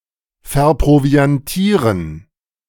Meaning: to provision
- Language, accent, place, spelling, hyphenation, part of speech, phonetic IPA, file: German, Germany, Berlin, verproviantieren, ver‧pro‧vi‧an‧tie‧ren, verb, [fɛɐ̯ˌpʁovi̯anˈtiːʁən], De-verproviantieren.ogg